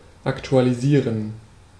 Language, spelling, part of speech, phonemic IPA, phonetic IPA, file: German, aktualisieren, verb, /aktualiˈziːʁən/, [ʔaktʰualiˈziːɐ̯n], De-aktualisieren.ogg
- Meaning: 1. to update 2. to refresh, reload